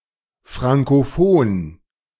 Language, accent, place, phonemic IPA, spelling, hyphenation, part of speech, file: German, Germany, Berlin, /ˌfʁaŋkoˈfoːn/, frankophon, fran‧ko‧phon, adjective, De-frankophon.ogg
- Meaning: Francophone